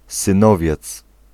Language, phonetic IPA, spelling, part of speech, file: Polish, [sɨ̃ˈnɔvʲjɛt͡s], synowiec, noun, Pl-synowiec.ogg